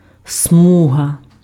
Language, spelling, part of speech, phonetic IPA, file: Ukrainian, смуга, noun, [ˈsmuɦɐ], Uk-смуга.ogg
- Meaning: 1. strip, stripe 2. width 3. belt 4. weal 5. zone 6. lane (a lengthwise division of roadway intended for a single line of vehicles)